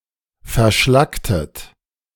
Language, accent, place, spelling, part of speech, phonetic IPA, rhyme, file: German, Germany, Berlin, verschlacktet, verb, [fɛɐ̯ˈʃlaktət], -aktət, De-verschlacktet.ogg
- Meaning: inflection of verschlacken: 1. second-person plural preterite 2. second-person plural subjunctive II